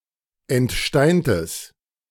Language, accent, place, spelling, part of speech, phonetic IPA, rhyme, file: German, Germany, Berlin, entsteintes, adjective, [ɛntˈʃtaɪ̯ntəs], -aɪ̯ntəs, De-entsteintes.ogg
- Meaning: strong/mixed nominative/accusative neuter singular of entsteint